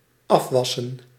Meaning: 1. to wash off 2. to wash up, to do the dishes
- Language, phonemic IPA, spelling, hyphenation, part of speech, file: Dutch, /ˈɑfʋɑsə(n)/, afwassen, af‧was‧sen, verb, Nl-afwassen.ogg